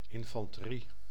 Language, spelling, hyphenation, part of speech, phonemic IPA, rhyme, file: Dutch, infanterie, in‧fan‧te‧rie, noun, /ˌɪn.fɑn.təˈri/, -i, Nl-infanterie.ogg
- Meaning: the infantry, non-mounted troops, notably on land